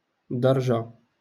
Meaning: step
- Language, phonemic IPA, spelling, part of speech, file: Moroccan Arabic, /dar.ʒa/, درجة, noun, LL-Q56426 (ary)-درجة.wav